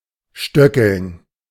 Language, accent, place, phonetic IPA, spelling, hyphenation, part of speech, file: German, Germany, Berlin, [ˈʃtœkl̩n], stöckeln, stö‧ckeln, verb, De-stöckeln.ogg
- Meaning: to walk with high heels